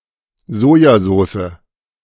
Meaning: soy sauce
- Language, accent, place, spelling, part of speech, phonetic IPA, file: German, Germany, Berlin, Sojasoße, noun, [ˈzoːjaˌzoːsə], De-Sojasoße.ogg